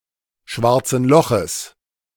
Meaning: genitive singular of schwarzes Loch
- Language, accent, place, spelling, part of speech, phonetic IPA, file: German, Germany, Berlin, schwarzen Loches, noun, [ˈʃvaʁt͡sn̩ ˈlɔxəs], De-schwarzen Loches.ogg